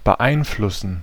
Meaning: to influence
- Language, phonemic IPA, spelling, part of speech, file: German, /bəˈʔaɪ̯nflʊsn̩/, beeinflussen, verb, De-beeinflussen.ogg